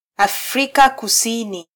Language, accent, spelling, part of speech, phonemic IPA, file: Swahili, Kenya, Afrika Kusini, proper noun, /ɑfˈɾi.kɑ kuˈsi.ni/, Sw-ke-Afrika Kusini.flac
- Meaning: South Africa (a country in Southern Africa)